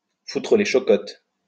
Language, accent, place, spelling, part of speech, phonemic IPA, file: French, France, Lyon, foutre les chocottes, verb, /fu.tʁə le ʃɔ.kɔt/, LL-Q150 (fra)-foutre les chocottes.wav
- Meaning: to scare (someone) stiff, to make (someone's) blood run cold, to give (someone) the shits